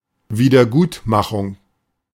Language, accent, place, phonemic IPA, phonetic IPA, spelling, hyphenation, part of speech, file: German, Germany, Berlin, /ˌviːdəʁˈɡuːtmaχʊŋ/, [ˌviːdɐˈɡuːtʰmaχʊŋ], Wiedergutmachung, Wie‧der‧gut‧ma‧chung, noun, De-Wiedergutmachung.ogg
- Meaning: amends, compensation, remediation, reparation